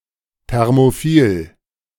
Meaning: thermophilic
- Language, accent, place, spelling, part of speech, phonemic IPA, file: German, Germany, Berlin, thermophil, adjective, /ˌtɛʁmoˈfiːl/, De-thermophil.ogg